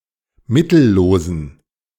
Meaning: inflection of mittellos: 1. strong genitive masculine/neuter singular 2. weak/mixed genitive/dative all-gender singular 3. strong/weak/mixed accusative masculine singular 4. strong dative plural
- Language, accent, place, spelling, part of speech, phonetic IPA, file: German, Germany, Berlin, mittellosen, adjective, [ˈmɪtl̩ˌloːzn̩], De-mittellosen.ogg